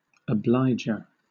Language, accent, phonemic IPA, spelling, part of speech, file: English, Southern England, /əˈblaɪd͡ʒə(ɹ)/, obliger, noun, LL-Q1860 (eng)-obliger.wav
- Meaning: One who, or that which, obliges